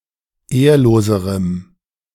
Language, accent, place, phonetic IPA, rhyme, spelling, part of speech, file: German, Germany, Berlin, [ˈeːɐ̯loːzəʁəm], -eːɐ̯loːzəʁəm, ehrloserem, adjective, De-ehrloserem.ogg
- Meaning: strong dative masculine/neuter singular comparative degree of ehrlos